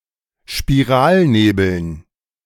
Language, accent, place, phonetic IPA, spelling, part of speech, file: German, Germany, Berlin, [ʃpiˈʁaːlˌneːbl̩n], Spiralnebeln, noun, De-Spiralnebeln.ogg
- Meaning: dative plural of Spiralnebel